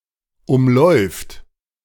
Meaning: third-person singular present of umlaufen
- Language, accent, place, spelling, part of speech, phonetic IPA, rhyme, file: German, Germany, Berlin, umläuft, verb, [ˌʊmˈlɔɪ̯ft], -ɔɪ̯ft, De-umläuft.ogg